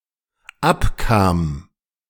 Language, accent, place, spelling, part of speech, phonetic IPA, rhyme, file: German, Germany, Berlin, abkam, verb, [ˈapˌkaːm], -apkaːm, De-abkam.ogg
- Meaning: first/third-person singular dependent preterite of abkommen